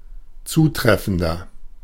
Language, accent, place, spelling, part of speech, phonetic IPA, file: German, Germany, Berlin, zutreffender, adjective, [ˈt͡suːˌtʁɛfn̩dɐ], De-zutreffender.ogg
- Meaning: 1. comparative degree of zutreffend 2. inflection of zutreffend: strong/mixed nominative masculine singular 3. inflection of zutreffend: strong genitive/dative feminine singular